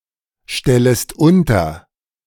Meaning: second-person singular subjunctive I of unterstellen
- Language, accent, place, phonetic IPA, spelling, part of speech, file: German, Germany, Berlin, [ˌʃtɛləst ˈʊntɐ], stellest unter, verb, De-stellest unter.ogg